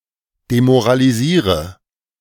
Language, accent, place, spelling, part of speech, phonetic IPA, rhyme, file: German, Germany, Berlin, demoralisiere, verb, [demoʁaliˈziːʁə], -iːʁə, De-demoralisiere.ogg
- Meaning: inflection of demoralisieren: 1. first-person singular present 2. first/third-person singular subjunctive I 3. singular imperative